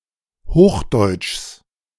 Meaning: genitive singular of Hochdeutsch
- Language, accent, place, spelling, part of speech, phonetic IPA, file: German, Germany, Berlin, Hochdeutschs, noun, [ˈhoːxˌdɔɪ̯tʃs], De-Hochdeutschs.ogg